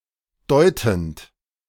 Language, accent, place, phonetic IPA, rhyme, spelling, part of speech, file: German, Germany, Berlin, [ˈdɔɪ̯tn̩t], -ɔɪ̯tn̩t, deutend, verb, De-deutend.ogg
- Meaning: present participle of deuten